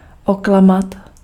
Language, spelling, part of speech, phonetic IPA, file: Czech, oklamat, verb, [ˈoklamat], Cs-oklamat.ogg
- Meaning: to deceive, to dupe